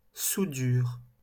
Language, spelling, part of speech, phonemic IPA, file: French, soudure, noun, /su.dyʁ/, LL-Q150 (fra)-soudure.wav
- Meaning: soldering, welding (process of welding)